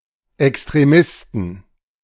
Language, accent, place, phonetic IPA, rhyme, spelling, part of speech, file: German, Germany, Berlin, [ɛkstʁeˈmɪstn̩], -ɪstn̩, Extremisten, noun, De-Extremisten.ogg
- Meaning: plural of Extremist